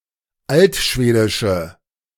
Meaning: inflection of altschwedisch: 1. strong/mixed nominative/accusative feminine singular 2. strong nominative/accusative plural 3. weak nominative all-gender singular
- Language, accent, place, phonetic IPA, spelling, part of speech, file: German, Germany, Berlin, [ˈaltˌʃveːdɪʃə], altschwedische, adjective, De-altschwedische.ogg